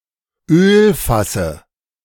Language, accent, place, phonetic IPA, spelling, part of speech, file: German, Germany, Berlin, [ˈøːlfasə], Ölfasse, noun, De-Ölfasse.ogg
- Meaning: dative of Ölfass